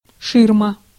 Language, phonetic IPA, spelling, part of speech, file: Russian, [ˈʂɨrmə], ширма, noun, Ru-ширма.ogg
- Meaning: 1. room divider, divider screen 2. screen, front, facade, smokescreen (something used to conceal true actions, motives, or nature)